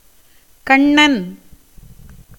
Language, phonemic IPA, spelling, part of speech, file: Tamil, /kɐɳːɐn/, கண்ணன், proper noun / noun, Ta-கண்ணன்.ogg
- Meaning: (proper noun) 1. Krishna 2. a male given name, Kannan, from Prakrit; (noun) one who has eyes